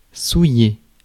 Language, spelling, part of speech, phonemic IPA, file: French, souiller, verb, /su.je/, Fr-souiller.ogg
- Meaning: 1. to soil, sully, dirty 2. to make unclean or impure; defile, profane 3. to blacken, besmirch, defile